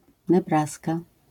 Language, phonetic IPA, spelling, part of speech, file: Polish, [nɛˈbraska], Nebraska, proper noun, LL-Q809 (pol)-Nebraska.wav